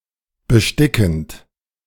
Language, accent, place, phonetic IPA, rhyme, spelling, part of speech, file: German, Germany, Berlin, [bəˈʃtɪkn̩t], -ɪkn̩t, bestickend, verb, De-bestickend.ogg
- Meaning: present participle of besticken